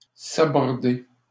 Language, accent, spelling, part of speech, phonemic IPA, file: French, Canada, saborder, verb, /sa.bɔʁ.de/, LL-Q150 (fra)-saborder.wav
- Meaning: 1. to scuttle (a ship) 2. to pull the plug on